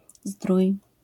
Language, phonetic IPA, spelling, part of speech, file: Polish, [zdruj], zdrój, noun, LL-Q809 (pol)-zdrój.wav